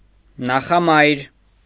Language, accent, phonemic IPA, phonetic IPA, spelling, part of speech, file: Armenian, Eastern Armenian, /nɑχɑˈmɑjɾ/, [nɑχɑmɑ́jɾ], նախամայր, noun, Hy-նախամայր.ogg
- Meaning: progenitress, foremother, (female) ancestor